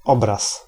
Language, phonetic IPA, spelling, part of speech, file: Polish, [ˈɔbras], obraz, noun, Pl-obraz.ogg